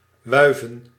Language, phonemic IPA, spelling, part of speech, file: Dutch, /ˈʋœy̯və(n)/, wuiven, verb, Nl-wuiven.ogg
- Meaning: 1. to wave 2. to beckon